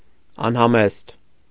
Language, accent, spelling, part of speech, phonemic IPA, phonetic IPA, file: Armenian, Eastern Armenian, անհամեստ, adjective, /ɑnhɑˈmest/, [ɑnhɑmést], Hy-անհամեստ .ogg
- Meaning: 1. immodest 2. indiscreet